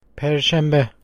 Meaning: Thursday
- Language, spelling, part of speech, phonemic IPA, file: Turkish, perşembe, noun, /pæɾʃæmˈbe/, Tr-perşembe.ogg